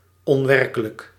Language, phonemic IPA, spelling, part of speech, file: Dutch, /ɔnˈʋɛrkələk/, onwerkelijk, adjective, Nl-onwerkelijk.ogg
- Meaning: 1. unreal, fake, illusory 2. surreal